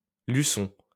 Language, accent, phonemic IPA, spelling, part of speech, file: French, France, /ly.sɔ̃/, Luçon, proper noun, LL-Q150 (fra)-Luçon.wav
- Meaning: Luzon (the largest island of the Philippines)